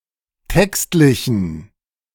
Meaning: inflection of textlich: 1. strong genitive masculine/neuter singular 2. weak/mixed genitive/dative all-gender singular 3. strong/weak/mixed accusative masculine singular 4. strong dative plural
- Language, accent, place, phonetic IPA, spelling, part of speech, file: German, Germany, Berlin, [ˈtɛkstlɪçn̩], textlichen, adjective, De-textlichen.ogg